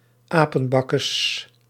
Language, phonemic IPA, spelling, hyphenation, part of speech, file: Dutch, /ˈaː.pə(n)ˌbɑ.kəs/, apenbakkes, apen‧bak‧kes, noun, Nl-apenbakkes.ogg
- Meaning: ugly face